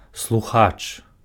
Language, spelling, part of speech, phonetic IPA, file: Belarusian, слухач, noun, [sɫuˈxat͡ʂ], Be-слухач.ogg
- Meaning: 1. listener (someone who listens, especially to a speech or a broadcast) 2. attendee, student (a person who is formally enrolled at a college, university, or another educational institution)